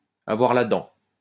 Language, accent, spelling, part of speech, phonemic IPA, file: French, France, avoir la dent, verb, /a.vwaʁ la dɑ̃/, LL-Q150 (fra)-avoir la dent.wav
- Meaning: to be starving